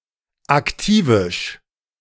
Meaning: active
- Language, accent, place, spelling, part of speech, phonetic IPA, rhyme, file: German, Germany, Berlin, aktivisch, adjective, [akˈtiːvɪʃ], -iːvɪʃ, De-aktivisch.ogg